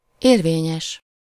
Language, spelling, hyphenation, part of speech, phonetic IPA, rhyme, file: Hungarian, érvényes, ér‧vé‧nyes, adjective, [ˈeːrveːɲɛʃ], -ɛʃ, Hu-érvényes.ogg
- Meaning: valid (acceptable, proper or correct)